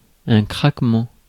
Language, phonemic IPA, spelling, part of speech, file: French, /kʁak.mɑ̃/, craquement, noun, Fr-craquement.ogg
- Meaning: crack, cracking, click (sound)